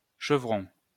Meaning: 1. rafter 2. chevron
- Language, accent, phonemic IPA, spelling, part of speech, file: French, France, /ʃə.vʁɔ̃/, chevron, noun, LL-Q150 (fra)-chevron.wav